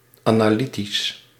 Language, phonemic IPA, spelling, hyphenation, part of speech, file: Dutch, /ˌaː.naːˈli.tiss/, analytisch, ana‧ly‧tisch, adjective, Nl-analytisch.ogg
- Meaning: analytical